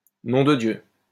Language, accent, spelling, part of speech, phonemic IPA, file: French, France, nom de Dieu, interjection, /nɔ̃ də djø/, LL-Q150 (fra)-nom de Dieu.wav
- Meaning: bloody hell; Jesus Christ; goddammit (indicates surprise, anger, indignation, etc.)